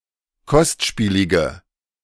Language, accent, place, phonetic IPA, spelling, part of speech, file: German, Germany, Berlin, [ˈkɔstˌʃpiːlɪɡə], kostspielige, adjective, De-kostspielige.ogg
- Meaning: inflection of kostspielig: 1. strong/mixed nominative/accusative feminine singular 2. strong nominative/accusative plural 3. weak nominative all-gender singular